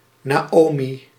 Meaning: 1. Naomi (Biblical figure) 2. a female given name
- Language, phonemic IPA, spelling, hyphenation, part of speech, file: Dutch, /ˌnaːˈoː.mi/, Naomi, Na‧omi, proper noun, Nl-Naomi.ogg